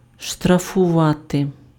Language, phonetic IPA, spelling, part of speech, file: Ukrainian, [ʃtrɐfʊˈʋate], штрафувати, verb, Uk-штрафувати.ogg
- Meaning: to fine (impose a financial penalty on)